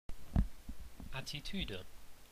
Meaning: attitude
- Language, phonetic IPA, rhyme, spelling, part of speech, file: German, [ˌatiˈtyːdə], -yːdə, Attitüde, noun, De-Attitüde.ogg